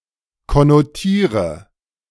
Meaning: inflection of konnotieren: 1. first-person singular present 2. first/third-person singular subjunctive I 3. singular imperative
- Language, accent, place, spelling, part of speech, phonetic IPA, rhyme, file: German, Germany, Berlin, konnotiere, verb, [kɔnoˈtiːʁə], -iːʁə, De-konnotiere.ogg